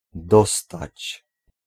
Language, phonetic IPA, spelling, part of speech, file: Polish, [ˈdɔstat͡ɕ], dostać, verb, Pl-dostać.ogg